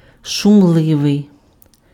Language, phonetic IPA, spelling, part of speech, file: Ukrainian, [ʃʊmˈɫɪʋei̯], шумливий, adjective, Uk-шумливий.ogg
- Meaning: 1. noisy 2. boisterous